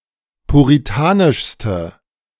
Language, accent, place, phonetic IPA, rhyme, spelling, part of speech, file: German, Germany, Berlin, [puʁiˈtaːnɪʃstə], -aːnɪʃstə, puritanischste, adjective, De-puritanischste.ogg
- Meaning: inflection of puritanisch: 1. strong/mixed nominative/accusative feminine singular superlative degree 2. strong nominative/accusative plural superlative degree